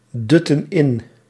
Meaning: inflection of indutten: 1. plural present/past indicative 2. plural present/past subjunctive
- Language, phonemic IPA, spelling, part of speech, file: Dutch, /ˈdʏtə(n) ˈɪn/, dutten in, verb, Nl-dutten in.ogg